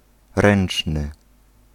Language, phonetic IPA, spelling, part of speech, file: Polish, [ˈrɛ̃n͇t͡ʃnɨ], ręczny, adjective / noun, Pl-ręczny.ogg